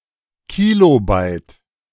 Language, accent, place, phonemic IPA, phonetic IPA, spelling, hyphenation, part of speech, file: German, Germany, Berlin, /ˈkiːlobaɪ̯t/, [kiloˈbaɪ̯t], Kilobyte, Ki‧lo‧byte, noun, De-Kilobyte.ogg
- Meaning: kilobyte (1024 bytes)